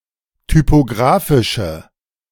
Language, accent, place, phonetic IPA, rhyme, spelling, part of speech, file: German, Germany, Berlin, [typoˈɡʁaːfɪʃə], -aːfɪʃə, typographische, adjective, De-typographische.ogg
- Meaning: inflection of typographisch: 1. strong/mixed nominative/accusative feminine singular 2. strong nominative/accusative plural 3. weak nominative all-gender singular